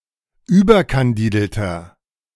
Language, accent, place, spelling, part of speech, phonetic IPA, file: German, Germany, Berlin, überkandidelter, adjective, [ˈyːbɐkanˌdiːdl̩tɐ], De-überkandidelter.ogg
- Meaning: 1. comparative degree of überkandidelt 2. inflection of überkandidelt: strong/mixed nominative masculine singular 3. inflection of überkandidelt: strong genitive/dative feminine singular